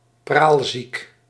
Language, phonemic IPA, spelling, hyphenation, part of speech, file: Dutch, /ˈpraːl.zik/, praalziek, praal‧ziek, adjective, Nl-praalziek.ogg
- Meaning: ostentatious, showy